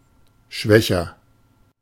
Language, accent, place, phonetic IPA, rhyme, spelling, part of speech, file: German, Germany, Berlin, [ˈʃvɛçɐ], -ɛçɐ, schwächer, adjective, De-schwächer.ogg
- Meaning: comparative degree of schwach